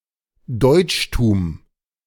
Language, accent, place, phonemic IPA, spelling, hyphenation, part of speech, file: German, Germany, Berlin, /ˈdɔɪ̯t͡ʃtuːm/, Deutschtum, Deutsch‧tum, noun, De-Deutschtum.ogg
- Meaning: Germanness